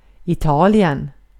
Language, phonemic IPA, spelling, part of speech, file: Swedish, /ɪˈtɑːlɪɛn/, Italien, proper noun, Sv-Italien.ogg
- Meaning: Italy (a country in Southern Europe)